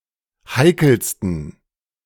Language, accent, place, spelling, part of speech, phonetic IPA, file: German, Germany, Berlin, heikelsten, adjective, [ˈhaɪ̯kl̩stn̩], De-heikelsten.ogg
- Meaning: 1. superlative degree of heikel 2. inflection of heikel: strong genitive masculine/neuter singular superlative degree